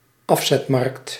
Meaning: sales market
- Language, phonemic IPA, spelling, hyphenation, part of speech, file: Dutch, /ˈɑf.zɛtˌmɑrkt/, afzetmarkt, af‧zet‧markt, noun, Nl-afzetmarkt.ogg